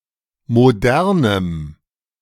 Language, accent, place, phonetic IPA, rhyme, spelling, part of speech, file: German, Germany, Berlin, [moˈdɛʁnəm], -ɛʁnəm, modernem, adjective, De-modernem.ogg
- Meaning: strong dative masculine/neuter singular of modern